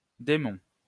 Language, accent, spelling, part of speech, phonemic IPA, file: French, France, démon, noun, /de.mɔ̃/, LL-Q150 (fra)-démon.wav
- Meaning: 1. demon 2. daemon